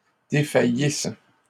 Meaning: third-person plural imperfect subjunctive of défaillir
- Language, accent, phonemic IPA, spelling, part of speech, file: French, Canada, /de.fa.jis/, défaillissent, verb, LL-Q150 (fra)-défaillissent.wav